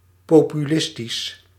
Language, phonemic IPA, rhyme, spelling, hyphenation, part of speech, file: Dutch, /ˌpoː.pyˈlɪs.tis/, -ɪstis, populistisch, po‧pu‧lis‧tisch, adjective, Nl-populistisch.ogg
- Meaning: 1. populist, pertaining to populism 2. populist, pertaining to American populism or the Populist Party